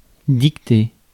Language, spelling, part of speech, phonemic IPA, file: French, dicter, verb, /dik.te/, Fr-dicter.ogg
- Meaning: to dictate